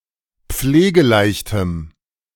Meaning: strong dative masculine/neuter singular of pflegeleicht
- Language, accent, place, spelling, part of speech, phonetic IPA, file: German, Germany, Berlin, pflegeleichtem, adjective, [ˈp͡fleːɡəˌlaɪ̯çtəm], De-pflegeleichtem.ogg